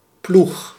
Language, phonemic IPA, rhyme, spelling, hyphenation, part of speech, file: Dutch, /plux/, -ux, ploeg, ploeg, noun / verb, Nl-ploeg.ogg
- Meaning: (noun) 1. plough 2. team; crew 3. shift of people working in turn; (verb) inflection of ploegen: 1. first-person singular present indicative 2. second-person singular present indicative 3. imperative